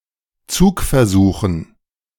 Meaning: dative plural of Zugversuch
- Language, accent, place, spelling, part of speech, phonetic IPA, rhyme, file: German, Germany, Berlin, Zugversuchen, noun, [ˈt͡suːkfɛɐ̯ˌzuːxn̩], -uːkfɛɐ̯zuːxn̩, De-Zugversuchen.ogg